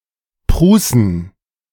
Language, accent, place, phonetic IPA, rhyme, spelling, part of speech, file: German, Germany, Berlin, [ˈpʁuːsn̩], -uːsn̩, Prußen, proper noun / noun, De-Prußen.ogg
- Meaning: inflection of Pruße: 1. nominative plural 2. genitive/dative/accusative singular/plural